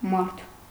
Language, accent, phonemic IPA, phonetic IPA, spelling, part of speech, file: Armenian, Eastern Armenian, /mɑɾtʰ/, [mɑɾtʰ], մարդ, noun, Hy-մարդ.ogg
- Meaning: 1. human being, person 2. man, adult male 3. husband 4. hand, worker, laborer 5. someone, somebody 6. people